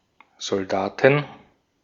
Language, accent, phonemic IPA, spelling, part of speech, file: German, Austria, /zɔlˈdaːtn/, Soldaten, noun, De-at-Soldaten.ogg
- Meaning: 1. genitive singular of Soldat 2. dative singular of Soldat 3. accusative singular of Soldat 4. nominative plural of Soldat 5. genitive plural of Soldat 6. dative plural of Soldat